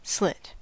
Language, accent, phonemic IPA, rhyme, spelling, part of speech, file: English, US, /ˈslɪt/, -ɪt, slit, noun / verb / adjective, En-us-slit.ogg
- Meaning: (noun) 1. A narrow cut or opening; a slot 2. The vulva 3. A woman, usually a sexually loose woman; a prostitute; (verb) 1. To cut a narrow opening 2. To split into strips by lengthwise cuts